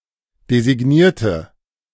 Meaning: inflection of designiert: 1. strong/mixed nominative/accusative feminine singular 2. strong nominative/accusative plural 3. weak nominative all-gender singular
- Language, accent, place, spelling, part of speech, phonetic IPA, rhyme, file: German, Germany, Berlin, designierte, adjective / verb, [dezɪˈɡniːɐ̯tə], -iːɐ̯tə, De-designierte.ogg